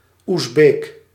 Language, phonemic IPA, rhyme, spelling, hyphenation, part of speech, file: Dutch, /uzˈbeːk/, -eːk, Oezbeek, Oez‧beek, noun, Nl-Oezbeek.ogg
- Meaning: an Uzbek person